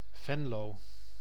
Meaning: Venlo (a city and municipality of Limburg, Netherlands)
- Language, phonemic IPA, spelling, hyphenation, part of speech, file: Dutch, /ˈvɛn.loː/, Venlo, Ven‧lo, proper noun, Nl-Venlo.ogg